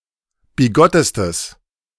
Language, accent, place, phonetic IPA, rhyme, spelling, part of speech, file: German, Germany, Berlin, [biˈɡɔtəstəs], -ɔtəstəs, bigottestes, adjective, De-bigottestes.ogg
- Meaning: strong/mixed nominative/accusative neuter singular superlative degree of bigott